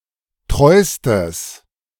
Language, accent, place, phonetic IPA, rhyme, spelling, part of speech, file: German, Germany, Berlin, [ˈtʁɔɪ̯stəs], -ɔɪ̯stəs, treustes, adjective, De-treustes.ogg
- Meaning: strong/mixed nominative/accusative neuter singular superlative degree of treu